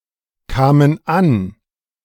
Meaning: first/third-person plural preterite of ankommen
- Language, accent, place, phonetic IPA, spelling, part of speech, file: German, Germany, Berlin, [ˌkaːmən ˈan], kamen an, verb, De-kamen an.ogg